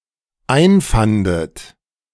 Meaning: second-person plural dependent preterite of einfinden
- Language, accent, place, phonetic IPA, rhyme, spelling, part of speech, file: German, Germany, Berlin, [ˈaɪ̯nˌfandət], -aɪ̯nfandət, einfandet, verb, De-einfandet.ogg